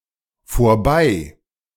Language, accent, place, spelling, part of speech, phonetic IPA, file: German, Germany, Berlin, vorbei-, prefix, [foːɐ̯ˈbaɪ̯], De-vorbei-.ogg
- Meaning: by, past